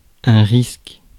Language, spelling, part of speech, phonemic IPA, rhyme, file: French, risque, noun / verb, /ʁisk/, -isk, Fr-risque.ogg
- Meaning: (noun) risk; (verb) inflection of risquer: 1. first/third-person singular present indicative/subjunctive 2. second-person singular imperative